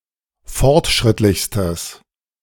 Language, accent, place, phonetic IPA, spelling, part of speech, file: German, Germany, Berlin, [ˈfɔʁtˌʃʁɪtlɪçstəs], fortschrittlichstes, adjective, De-fortschrittlichstes.ogg
- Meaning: strong/mixed nominative/accusative neuter singular superlative degree of fortschrittlich